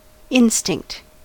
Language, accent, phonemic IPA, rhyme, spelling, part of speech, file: English, US, /ˈɪn.stɪŋkt/, -ɪŋkt, instinct, noun / adjective, En-us-instinct.ogg
- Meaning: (noun) 1. A natural or inherent impulse or behaviour 2. An intuitive reaction not based on rational conscious thought; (adjective) Imbued, charged (with something)